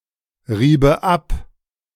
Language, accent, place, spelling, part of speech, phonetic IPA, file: German, Germany, Berlin, riebe ab, verb, [ˌʁiːbə ˈap], De-riebe ab.ogg
- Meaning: first/third-person singular subjunctive II of abreiben